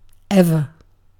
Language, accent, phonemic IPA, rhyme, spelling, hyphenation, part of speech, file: English, UK, /ˈɛvə(ɹ)/, -ɛvə(ɹ), ever, ev‧er, adverb / adjective / determiner, En-uk-ever.ogg
- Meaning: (adverb) 1. Always, frequently, forever 2. Continuously, constantly, all the time (for the complete duration) 3. At any time 4. As intensifier following an interrogative word